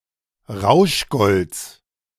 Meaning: genitive singular of Rauschgold
- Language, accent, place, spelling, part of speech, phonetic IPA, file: German, Germany, Berlin, Rauschgolds, noun, [ˈʁaʊ̯ʃˌɡɔlt͡s], De-Rauschgolds.ogg